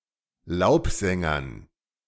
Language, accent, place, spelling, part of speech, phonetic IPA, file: German, Germany, Berlin, Laubsängern, noun, [ˈlaʊ̯pˌzɛŋɐn], De-Laubsängern.ogg
- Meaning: dative plural of Laubsänger